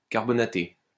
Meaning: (verb) past participle of carbonater; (adjective) carbonated
- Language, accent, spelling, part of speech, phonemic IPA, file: French, France, carbonaté, verb / adjective, /kaʁ.bɔ.na.te/, LL-Q150 (fra)-carbonaté.wav